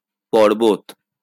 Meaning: mountain
- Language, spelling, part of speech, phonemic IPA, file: Bengali, পর্বত, noun, /pɔr.bɔt/, LL-Q9610 (ben)-পর্বত.wav